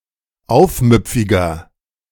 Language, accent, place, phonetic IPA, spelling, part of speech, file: German, Germany, Berlin, [ˈaʊ̯fˌmʏp͡fɪɡɐ], aufmüpfiger, adjective, De-aufmüpfiger.ogg
- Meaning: 1. comparative degree of aufmüpfig 2. inflection of aufmüpfig: strong/mixed nominative masculine singular 3. inflection of aufmüpfig: strong genitive/dative feminine singular